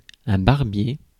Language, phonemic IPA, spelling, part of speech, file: French, /baʁ.bje/, barbier, noun, Fr-barbier.ogg
- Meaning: barber